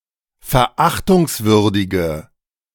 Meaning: inflection of verachtungswürdig: 1. strong/mixed nominative/accusative feminine singular 2. strong nominative/accusative plural 3. weak nominative all-gender singular
- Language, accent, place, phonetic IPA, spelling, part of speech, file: German, Germany, Berlin, [fɛɐ̯ˈʔaxtʊŋsˌvʏʁdɪɡə], verachtungswürdige, adjective, De-verachtungswürdige.ogg